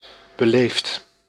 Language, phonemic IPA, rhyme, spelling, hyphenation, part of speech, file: Dutch, /bəˈleːft/, -eːft, beleefd, be‧leefd, adjective / verb, Nl-beleefd.ogg
- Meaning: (adjective) polite (well-mannered); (verb) past participle of beleven